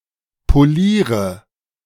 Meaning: inflection of polieren: 1. first-person singular present 2. first/third-person singular subjunctive I 3. singular imperative
- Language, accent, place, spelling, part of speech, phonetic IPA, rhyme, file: German, Germany, Berlin, poliere, verb, [poˈliːʁə], -iːʁə, De-poliere.ogg